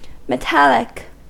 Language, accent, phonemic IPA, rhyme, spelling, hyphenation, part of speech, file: English, US, /məˈtæl.ɪk/, -ælɪk, metallic, me‧tal‧lic, adjective / noun, En-us-metallic.ogg
- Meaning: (adjective) 1. Of, relating to, or characteristic of metal 2. Made of or containing metal 3. Harsh, as if coming from two metals striking one another